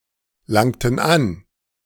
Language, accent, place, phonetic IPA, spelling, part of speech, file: German, Germany, Berlin, [ˌlaŋtn̩ ˈan], langten an, verb, De-langten an.ogg
- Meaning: inflection of anlangen: 1. first/third-person plural preterite 2. first/third-person plural subjunctive II